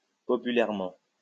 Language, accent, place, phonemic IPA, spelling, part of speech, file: French, France, Lyon, /pɔ.py.lɛʁ.mɑ̃/, populairement, adverb, LL-Q150 (fra)-populairement.wav
- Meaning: popularly